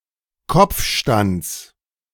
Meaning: genitive of Kopfstand
- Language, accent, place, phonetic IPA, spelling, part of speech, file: German, Germany, Berlin, [ˈkɔp͡fˌʃtant͡s], Kopfstands, noun, De-Kopfstands.ogg